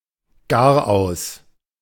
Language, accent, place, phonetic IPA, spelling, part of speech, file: German, Germany, Berlin, [ˈɡaːɐ̯ʔaʊ̯s], Garaus, noun, De-Garaus.ogg
- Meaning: 1. very end 2. downfall